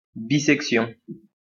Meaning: bisection
- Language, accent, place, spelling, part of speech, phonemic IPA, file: French, France, Lyon, bissection, noun, /bi.sɛk.sjɔ̃/, LL-Q150 (fra)-bissection.wav